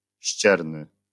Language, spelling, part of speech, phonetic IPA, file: Polish, ścierny, adjective, [ˈɕt͡ɕɛrnɨ], LL-Q809 (pol)-ścierny.wav